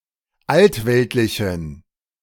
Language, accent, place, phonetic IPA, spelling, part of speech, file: German, Germany, Berlin, [ˈaltˌvɛltlɪçn̩], altweltlichen, adjective, De-altweltlichen.ogg
- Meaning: inflection of altweltlich: 1. strong genitive masculine/neuter singular 2. weak/mixed genitive/dative all-gender singular 3. strong/weak/mixed accusative masculine singular 4. strong dative plural